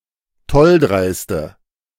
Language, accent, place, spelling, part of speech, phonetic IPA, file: German, Germany, Berlin, tolldreiste, adjective, [ˈtɔlˌdʁaɪ̯stə], De-tolldreiste.ogg
- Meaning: inflection of tolldreist: 1. strong/mixed nominative/accusative feminine singular 2. strong nominative/accusative plural 3. weak nominative all-gender singular